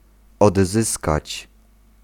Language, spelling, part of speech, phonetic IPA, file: Polish, odzyskać, verb, [ɔdˈzɨskat͡ɕ], Pl-odzyskać.ogg